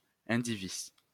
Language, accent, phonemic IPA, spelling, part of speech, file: French, France, /ɛ̃.di.vi/, indivis, adjective, LL-Q150 (fra)-indivis.wav
- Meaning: indivisible, shared, joint